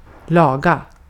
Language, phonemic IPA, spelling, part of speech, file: Swedish, /²lɑːɡa/, laga, verb, Sv-laga.ogg
- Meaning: 1. to repair 2. to cook, make, prepare (food) 3. to arrange, set up